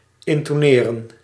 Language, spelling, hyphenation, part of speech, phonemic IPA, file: Dutch, intoneren, in‧to‧ne‧ren, verb, /ˌɪn.toːˈneː.rə(n)/, Nl-intoneren.ogg
- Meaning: to speak or say with a certain intonation, to intonate